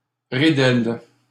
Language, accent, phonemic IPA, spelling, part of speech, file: French, Canada, /ʁi.dɛl/, ridelle, noun, LL-Q150 (fra)-ridelle.wav
- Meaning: the slatted side of a truck, carriage etc